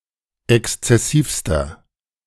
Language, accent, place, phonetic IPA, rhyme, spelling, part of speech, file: German, Germany, Berlin, [ˌɛkst͡sɛˈsiːfstɐ], -iːfstɐ, exzessivster, adjective, De-exzessivster.ogg
- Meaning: inflection of exzessiv: 1. strong/mixed nominative masculine singular superlative degree 2. strong genitive/dative feminine singular superlative degree 3. strong genitive plural superlative degree